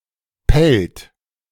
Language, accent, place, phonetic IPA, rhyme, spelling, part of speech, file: German, Germany, Berlin, [pɛlt], -ɛlt, pellt, verb, De-pellt.ogg
- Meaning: inflection of pellen: 1. second-person plural present 2. third-person singular present 3. plural imperative